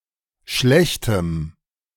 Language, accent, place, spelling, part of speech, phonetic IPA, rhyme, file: German, Germany, Berlin, schlechtem, adjective, [ˈʃlɛçtəm], -ɛçtəm, De-schlechtem.ogg
- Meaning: strong dative masculine/neuter singular of schlecht